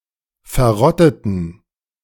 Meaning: inflection of verrottet: 1. strong genitive masculine/neuter singular 2. weak/mixed genitive/dative all-gender singular 3. strong/weak/mixed accusative masculine singular 4. strong dative plural
- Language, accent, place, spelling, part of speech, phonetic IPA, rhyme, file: German, Germany, Berlin, verrotteten, adjective / verb, [fɛɐ̯ˈʁɔtətn̩], -ɔtətn̩, De-verrotteten.ogg